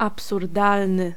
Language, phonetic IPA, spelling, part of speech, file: Polish, [ˌapsurˈdalnɨ], absurdalny, adjective, Pl-absurdalny.ogg